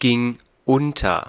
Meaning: first/third-person singular preterite of untergehen
- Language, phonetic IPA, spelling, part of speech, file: German, [ˌɡɪŋ ˈʊntɐ], ging unter, verb, De-ging unter.ogg